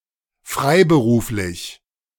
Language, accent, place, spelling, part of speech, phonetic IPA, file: German, Germany, Berlin, freiberuflich, adjective, [ˈfʁaɪ̯bəˌʁuːflɪç], De-freiberuflich.ogg
- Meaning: self-employed, freelance